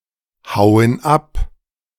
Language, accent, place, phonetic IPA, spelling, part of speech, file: German, Germany, Berlin, [ˌhaʊ̯ən ˈap], hauen ab, verb, De-hauen ab.ogg
- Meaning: inflection of abhauen: 1. first/third-person plural present 2. first/third-person plural subjunctive I